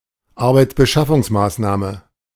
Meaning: job provision measure
- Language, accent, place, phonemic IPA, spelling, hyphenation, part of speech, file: German, Germany, Berlin, /ˈaʁbaɪ̯t͡sbəʃafʊŋsˌmaːsnaːmə/, Arbeitsbeschaffungsmaßnahme, Ar‧beits‧be‧schaf‧fungs‧maß‧nah‧me, noun, De-Arbeitsbeschaffungsmaßnahme.ogg